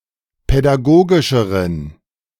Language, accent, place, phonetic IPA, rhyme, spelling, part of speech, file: German, Germany, Berlin, [pɛdaˈɡoːɡɪʃəʁən], -oːɡɪʃəʁən, pädagogischeren, adjective, De-pädagogischeren.ogg
- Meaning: inflection of pädagogisch: 1. strong genitive masculine/neuter singular comparative degree 2. weak/mixed genitive/dative all-gender singular comparative degree